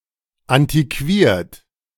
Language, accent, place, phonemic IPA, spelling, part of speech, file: German, Germany, Berlin, /ˌantiˈkviːɐ̯t/, antiquiert, adjective, De-antiquiert.ogg
- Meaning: antiquated